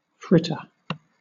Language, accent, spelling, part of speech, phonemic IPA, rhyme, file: English, Southern England, fritter, noun / verb, /ˈfɹɪtə(ɹ)/, -ɪtə(ɹ), LL-Q1860 (eng)-fritter.wav
- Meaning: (noun) 1. Synonym of pancake, a portion of batter fried on a pan 2. A dish made by coating various other foods in batter and frying or deep-frying them together, typically in small portions